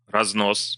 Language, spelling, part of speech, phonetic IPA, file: Russian, разнос, noun, [rɐzˈnos], Ru-разнос.ogg
- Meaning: 1. carrying, delivery 2. rating, dressing-down, blowing-up